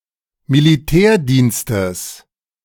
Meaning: genitive singular of Militärdienst
- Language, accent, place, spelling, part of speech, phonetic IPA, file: German, Germany, Berlin, Militärdienstes, noun, [miliˈtɛːɐ̯diːnstəs], De-Militärdienstes.ogg